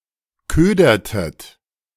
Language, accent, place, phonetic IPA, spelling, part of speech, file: German, Germany, Berlin, [ˈkøːdɐtət], ködertet, verb, De-ködertet.ogg
- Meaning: inflection of ködern: 1. second-person plural preterite 2. second-person plural subjunctive II